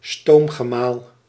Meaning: a steam-powered pumphouse or pumping-engine for draining polders
- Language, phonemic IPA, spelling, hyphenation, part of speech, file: Dutch, /ˈstoːm.ɣəˌmaːl/, stoomgemaal, stoom‧ge‧maal, noun, Nl-stoomgemaal.ogg